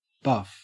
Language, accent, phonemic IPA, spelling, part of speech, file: English, Australia, /bɐf/, buff, noun / adjective / verb, En-au-buff.ogg
- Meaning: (noun) 1. Undyed leather from the skin of buffalo or similar animals 2. A tool, often one covered with buff leather, used for polishing 3. A brownish yellow colour